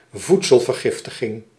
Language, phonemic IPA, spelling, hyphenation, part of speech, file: Dutch, /ˈvut.səl.vərˌɣɪf.tə.ɣɪŋ/, voedselvergiftiging, voed‧sel‧ver‧gif‧ti‧ging, noun, Nl-voedselvergiftiging.ogg
- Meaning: food poisoning